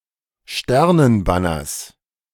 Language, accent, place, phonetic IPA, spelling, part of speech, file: German, Germany, Berlin, [ˈʃtɛʁnənˌbanɐs], Sternenbanners, noun, De-Sternenbanners.ogg
- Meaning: genitive of Sternenbanner